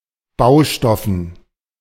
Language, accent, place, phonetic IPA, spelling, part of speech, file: German, Germany, Berlin, [ˈbaʊ̯ˌʃtɔfn̩], Baustoffen, noun, De-Baustoffen.ogg
- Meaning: dative plural of Baustoff